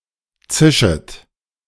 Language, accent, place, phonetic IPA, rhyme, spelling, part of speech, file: German, Germany, Berlin, [ˈt͡sɪʃət], -ɪʃət, zischet, verb, De-zischet.ogg
- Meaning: second-person plural subjunctive I of zischen